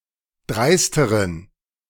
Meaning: inflection of dreist: 1. strong genitive masculine/neuter singular comparative degree 2. weak/mixed genitive/dative all-gender singular comparative degree
- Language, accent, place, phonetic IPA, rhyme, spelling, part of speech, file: German, Germany, Berlin, [ˈdʁaɪ̯stəʁən], -aɪ̯stəʁən, dreisteren, adjective, De-dreisteren.ogg